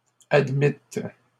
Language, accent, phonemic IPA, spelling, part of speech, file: French, Canada, /ad.mit/, admîtes, verb, LL-Q150 (fra)-admîtes.wav
- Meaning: second-person plural past historic of admettre